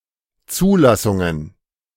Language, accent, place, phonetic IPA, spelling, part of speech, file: German, Germany, Berlin, [ˈt͡suːˌlasʊŋən], Zulassungen, noun, De-Zulassungen.ogg
- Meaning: plural of Zulassung